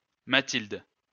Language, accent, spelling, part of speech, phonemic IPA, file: French, France, Mathilde, proper noun, /ma.tild/, LL-Q150 (fra)-Mathilde.wav
- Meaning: a female given name, equivalent to English Matilda